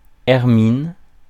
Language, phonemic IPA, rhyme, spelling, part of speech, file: French, /ɛʁ.min/, -in, hermine, noun, Fr-hermine.ogg
- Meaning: 1. ermine (Mustela erminea) 2. ermine (material) 3. ermine (tincture)